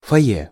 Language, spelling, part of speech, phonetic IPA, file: Russian, фойе, noun, [fɐˈj(ː)e], Ru-фойе.ogg
- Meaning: lobby, foyer (in a theater, cinema, etc.)